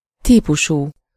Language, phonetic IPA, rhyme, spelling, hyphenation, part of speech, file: Hungarian, [ˈtiːpuʃuː], -ʃuː, típusú, tí‧pu‧sú, adjective, Hu-típusú.ogg
- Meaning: kind of, type of, -type